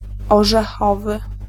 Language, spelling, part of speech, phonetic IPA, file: Polish, orzechowy, adjective, [ˌɔʒɛˈxɔvɨ], Pl-orzechowy.ogg